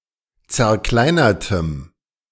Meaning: strong dative masculine/neuter singular of zerkleinert
- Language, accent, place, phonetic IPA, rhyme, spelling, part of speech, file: German, Germany, Berlin, [t͡sɛɐ̯ˈklaɪ̯nɐtəm], -aɪ̯nɐtəm, zerkleinertem, adjective, De-zerkleinertem.ogg